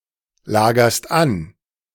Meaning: second-person singular present of anlagern
- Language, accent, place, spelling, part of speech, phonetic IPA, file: German, Germany, Berlin, lagerst an, verb, [ˌlaːɡɐst ˈan], De-lagerst an.ogg